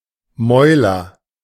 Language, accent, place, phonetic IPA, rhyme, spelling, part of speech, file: German, Germany, Berlin, [ˈmɔɪ̯lɐ], -ɔɪ̯lɐ, Mäuler, noun, De-Mäuler.ogg
- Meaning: nominative/accusative/genitive plural of Maul